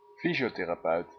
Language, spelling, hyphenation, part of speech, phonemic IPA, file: Dutch, fysiotherapeut, fy‧sio‧the‧ra‧peut, noun, /ˈfi.zi.oː.teː.raːˌpœy̯t/, Nl-fysiotherapeut.ogg
- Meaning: physiotherapist